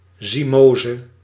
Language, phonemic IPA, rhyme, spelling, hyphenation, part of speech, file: Dutch, /ˌziˈmoː.zə/, -oːzə, zymose, zy‧mo‧se, noun, Nl-zymose.ogg
- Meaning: zymosis, fermentation